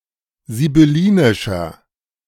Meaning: inflection of sibyllinisch: 1. strong/mixed nominative masculine singular 2. strong genitive/dative feminine singular 3. strong genitive plural
- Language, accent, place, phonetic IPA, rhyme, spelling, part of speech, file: German, Germany, Berlin, [zibʏˈliːnɪʃɐ], -iːnɪʃɐ, sibyllinischer, adjective, De-sibyllinischer.ogg